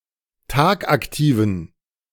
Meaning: inflection of tagaktiv: 1. strong genitive masculine/neuter singular 2. weak/mixed genitive/dative all-gender singular 3. strong/weak/mixed accusative masculine singular 4. strong dative plural
- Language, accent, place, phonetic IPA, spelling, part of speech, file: German, Germany, Berlin, [ˈtaːkʔakˌtiːvn̩], tagaktiven, adjective, De-tagaktiven.ogg